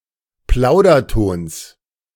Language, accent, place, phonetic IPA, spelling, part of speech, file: German, Germany, Berlin, [ˈplaʊ̯dɐˌtoːns], Plaudertons, noun, De-Plaudertons.ogg
- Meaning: genitive of Plauderton